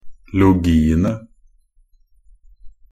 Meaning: definite plural of -logi
- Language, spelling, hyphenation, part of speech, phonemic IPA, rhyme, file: Norwegian Bokmål, -logiene, -lo‧gi‧en‧e, suffix, /lʊˈɡiːənə/, -ənə, Nb--logiene.ogg